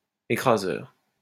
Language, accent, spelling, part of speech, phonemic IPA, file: French, France, écraseur, adjective / noun, /e.kʁa.zœʁ/, LL-Q150 (fra)-écraseur.wav
- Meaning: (adjective) crushing; which crushes; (noun) crusher